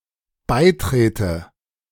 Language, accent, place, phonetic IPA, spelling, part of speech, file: German, Germany, Berlin, [ˈbaɪ̯ˌtʁeːtə], beitrete, verb, De-beitrete.ogg
- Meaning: inflection of beitreten: 1. first-person singular dependent present 2. first/third-person singular dependent subjunctive I